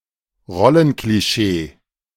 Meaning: stereotype
- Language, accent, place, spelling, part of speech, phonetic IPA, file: German, Germany, Berlin, Rollenklischee, noun, [ˈʁɔlənkliˌʃeː], De-Rollenklischee.ogg